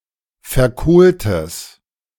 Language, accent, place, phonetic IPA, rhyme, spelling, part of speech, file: German, Germany, Berlin, [fɛɐ̯ˈkoːltəs], -oːltəs, verkohltes, adjective, De-verkohltes.ogg
- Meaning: strong/mixed nominative/accusative neuter singular of verkohlt